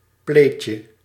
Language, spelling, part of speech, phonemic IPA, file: Dutch, pleetje, noun, /ˈplecə/, Nl-pleetje.ogg
- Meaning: diminutive of plee